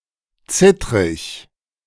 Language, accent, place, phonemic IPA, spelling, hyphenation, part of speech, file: German, Germany, Berlin, /ˈt͡sɪtʁɪç/, zittrig, zit‧trig, adjective, De-zittrig.ogg
- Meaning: shaky